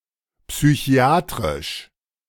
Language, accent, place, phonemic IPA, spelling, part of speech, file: German, Germany, Berlin, /psyˈçi̯aːtrɪʃ/, psychiatrisch, adjective, De-psychiatrisch.ogg
- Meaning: psychiatric